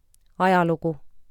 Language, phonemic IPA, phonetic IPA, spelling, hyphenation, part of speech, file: Estonian, /ˈɑjɑˌluɡ̊u/, [ˈɑ̈jɑ̈ˌluɡ̊u], ajalugu, a‧ja‧lu‧gu, noun, Et-ajalugu.ogg
- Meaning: history: 1. Consecutive events happened in the past as a whole 2. The branch of science describing and studying past events and patterns between them 3. A record of actions by a user